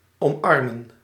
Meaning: 1. to embrace, to put arms around 2. to embrace, to accept (a plan or a fact)
- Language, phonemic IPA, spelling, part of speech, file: Dutch, /ˌɔmˈɑr.mə(n)/, omarmen, verb, Nl-omarmen.ogg